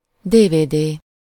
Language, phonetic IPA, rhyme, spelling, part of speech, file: Hungarian, [ˈdeːveːdeː], -deː, DVD, noun, Hu-DVD.ogg
- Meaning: DVD (optical disc)